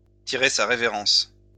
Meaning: to bow out, to take one's leave
- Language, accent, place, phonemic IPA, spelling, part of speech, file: French, France, Lyon, /ti.ʁe sa ʁe.ve.ʁɑ̃s/, tirer sa révérence, verb, LL-Q150 (fra)-tirer sa révérence.wav